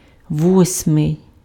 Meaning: eighth
- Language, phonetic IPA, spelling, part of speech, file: Ukrainian, [ˈwɔsʲmei̯], восьмий, adjective, Uk-восьмий.ogg